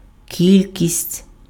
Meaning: quantity, number, amount
- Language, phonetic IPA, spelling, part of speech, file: Ukrainian, [ˈkʲilʲkʲisʲtʲ], кількість, noun, Uk-кількість.ogg